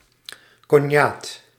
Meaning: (noun) 1. cognate (related word, derived from the same lexeme as another word) 2. cognate (maternal relative); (adjective) cognate
- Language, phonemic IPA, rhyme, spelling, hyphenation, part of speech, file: Dutch, /kɔxˈnaːt/, -aːt, cognaat, cog‧naat, noun / adjective, Nl-cognaat.ogg